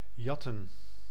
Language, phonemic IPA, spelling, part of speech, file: Dutch, /ˈjɑ.tə(n)/, jatten, verb / noun, Nl-jatten.ogg
- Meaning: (verb) to nick, pilfer, steal; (noun) plural of jat: hands, paws (the singular form is rare)